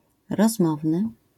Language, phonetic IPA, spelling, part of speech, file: Polish, [rɔzˈmɔvnɨ], rozmowny, adjective, LL-Q809 (pol)-rozmowny.wav